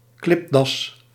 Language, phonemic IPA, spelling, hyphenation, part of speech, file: Dutch, /ˈklɪp.dɑs/, klipdas, klip‧das, noun, Nl-klipdas.ogg
- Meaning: klipdas, hyrax